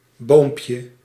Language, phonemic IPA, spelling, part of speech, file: Dutch, /ˈbompjə/, boompje, noun, Nl-boompje.ogg
- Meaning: diminutive of boom